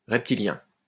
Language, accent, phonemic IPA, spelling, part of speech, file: French, France, /ʁɛp.ti.ljɛ̃/, reptilien, adjective / noun, LL-Q150 (fra)-reptilien.wav
- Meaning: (adjective) reptilian